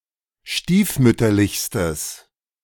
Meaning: strong/mixed nominative/accusative neuter singular superlative degree of stiefmütterlich
- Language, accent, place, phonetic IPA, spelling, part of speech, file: German, Germany, Berlin, [ˈʃtiːfˌmʏtɐlɪçstəs], stiefmütterlichstes, adjective, De-stiefmütterlichstes.ogg